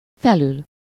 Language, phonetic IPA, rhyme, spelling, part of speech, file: Hungarian, [ˈfɛlyl], -yl, felül, adverb / postposition / verb, Hu-felül.ogg
- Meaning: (adverb) above, over; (postposition) above, superior to, surpassing, in addition to (with -n/-on/-en/-ön); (verb) to sit up (to assume a sitting position from a position lying down)